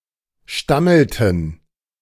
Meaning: inflection of stammeln: 1. first/third-person plural preterite 2. first/third-person plural subjunctive II
- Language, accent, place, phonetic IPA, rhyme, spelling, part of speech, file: German, Germany, Berlin, [ˈʃtaml̩tn̩], -aml̩tn̩, stammelten, verb, De-stammelten.ogg